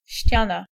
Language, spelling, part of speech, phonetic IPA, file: Polish, ściana, noun, [ˈɕt͡ɕãna], Pl-ściana.ogg